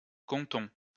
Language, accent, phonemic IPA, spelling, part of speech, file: French, France, /kɔ̃.tɔ̃/, comptons, verb, LL-Q150 (fra)-comptons.wav
- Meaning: inflection of compter: 1. first-person plural present indicative 2. first-person plural imperative